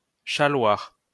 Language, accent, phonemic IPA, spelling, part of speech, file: French, France, /ʃa.lwaʁ/, chaloir, verb, LL-Q150 (fra)-chaloir.wav
- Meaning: to matter (to), to be of import (for)